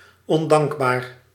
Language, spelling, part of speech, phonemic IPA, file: Dutch, ondankbaar, adjective, /ɔnˈdɑŋɡbar/, Nl-ondankbaar.ogg
- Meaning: 1. ungrateful, showing no gratitude 2. thankless, yielding (little or) no thanks or reward; unproductive